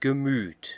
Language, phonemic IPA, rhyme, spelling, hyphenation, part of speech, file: German, /ɡəˈmyːt/, -yːt, Gemüt, Ge‧müt, noun, De-Gemüt.ogg
- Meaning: feeling; heart; soul; mind